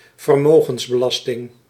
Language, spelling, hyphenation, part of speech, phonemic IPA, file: Dutch, vermogensbelasting, ver‧mo‧gens‧be‧las‧ting, noun, /vərˈmoː.ɣəns.bəˌlɑs.tɪŋ/, Nl-vermogensbelasting.ogg
- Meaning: wealth tax, capital tax